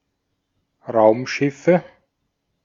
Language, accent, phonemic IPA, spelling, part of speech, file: German, Austria, /ˈʁaʊ̯mˌʃɪfə/, Raumschiffe, noun, De-at-Raumschiffe.ogg
- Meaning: nominative/accusative/genitive plural of Raumschiff